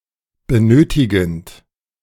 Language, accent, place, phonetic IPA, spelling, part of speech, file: German, Germany, Berlin, [bəˈnøːtɪɡn̩t], benötigend, verb, De-benötigend.ogg
- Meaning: present participle of benötigen